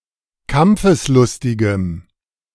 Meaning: strong dative masculine/neuter singular of kampfeslustig
- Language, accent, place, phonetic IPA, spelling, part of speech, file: German, Germany, Berlin, [ˈkamp͡fəsˌlʊstɪɡəm], kampfeslustigem, adjective, De-kampfeslustigem.ogg